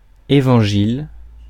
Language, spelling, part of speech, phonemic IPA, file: French, évangile, noun, /e.vɑ̃.ʒil/, Fr-évangile.ogg
- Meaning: gospel